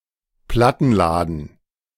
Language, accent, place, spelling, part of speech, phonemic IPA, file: German, Germany, Berlin, Plattenladen, noun, /ˈplatn̩ˌlaːdn̩/, De-Plattenladen.ogg
- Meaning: record store, record shop